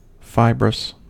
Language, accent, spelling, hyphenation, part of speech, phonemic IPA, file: English, US, fibrous, fi‧brous, adjective, /ˈfaɪbɹəs/, En-us-fibrous.ogg
- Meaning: 1. Of or pertaining to fibre 2. Containing many fibres - referring mainly to food 3. Having the shape of fibres